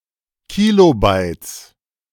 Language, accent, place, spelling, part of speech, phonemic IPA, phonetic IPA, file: German, Germany, Berlin, Kilobytes, noun, /ˈkiːloˌbaɪ̯t͡s/, [kiloˈbaɪ̯t͡s], De-Kilobytes.ogg
- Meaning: 1. genitive singular of Kilobyte 2. plural of Kilobyte